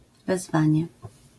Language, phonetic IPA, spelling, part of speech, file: Polish, [vɛzˈvãɲɛ], wezwanie, noun, LL-Q809 (pol)-wezwanie.wav